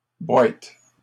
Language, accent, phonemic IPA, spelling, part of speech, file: French, Canada, /bwɛt/, boètes, noun, LL-Q150 (fra)-boètes.wav
- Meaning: plural of boète